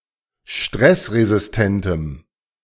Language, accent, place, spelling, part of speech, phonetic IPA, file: German, Germany, Berlin, stressresistentem, adjective, [ˈʃtʁɛsʁezɪsˌtɛntəm], De-stressresistentem.ogg
- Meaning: strong dative masculine/neuter singular of stressresistent